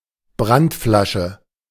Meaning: Molotov cocktail
- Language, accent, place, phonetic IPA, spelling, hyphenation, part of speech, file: German, Germany, Berlin, [ˈbʁantˌflaʃə], Brandflasche, Brand‧fla‧sche, noun, De-Brandflasche.ogg